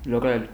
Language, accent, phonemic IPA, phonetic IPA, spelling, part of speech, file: Armenian, Eastern Armenian, /ləˈrel/, [lərél], լռել, verb, Hy-լռել.ogg
- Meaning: 1. to remain silent, to be silent 2. to cease to speak